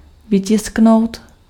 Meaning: to print
- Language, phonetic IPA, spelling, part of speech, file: Czech, [ˈvɪcɪsknou̯t], vytisknout, verb, Cs-vytisknout.ogg